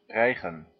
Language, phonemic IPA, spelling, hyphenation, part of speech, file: Dutch, /ˈrɛi̯.ɣə(n)/, rijgen, rij‧gen, verb, Nl-rijgen.ogg
- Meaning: 1. to pierce, to impale, to spit 2. to baste (to sew a thread through something)